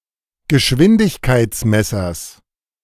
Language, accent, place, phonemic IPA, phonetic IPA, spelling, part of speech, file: German, Germany, Berlin, /ɡəˈʃvɪndɪçˌkaɪ̯tsˌmɛsɐs/, [ɡəˈʃvɪndɪçˌkʰaɪ̯tsˌmɛsɐs], Geschwindigkeitsmessers, noun, De-Geschwindigkeitsmessers.ogg
- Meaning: genitive singular of Geschwindigkeitsmesser